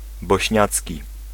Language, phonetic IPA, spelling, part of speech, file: Polish, [bɔɕˈɲat͡sʲci], bośniacki, adjective / noun, Pl-bośniacki.ogg